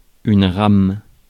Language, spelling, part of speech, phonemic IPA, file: French, rame, noun, /ʁam/, Fr-rame.ogg
- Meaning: 1. oar, paddle 2. ream (of paper) 3. train